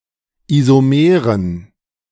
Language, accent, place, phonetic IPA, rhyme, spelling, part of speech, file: German, Germany, Berlin, [izoˈmeːʁən], -eːʁən, Isomeren, noun, De-Isomeren.ogg
- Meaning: dative plural of Isomer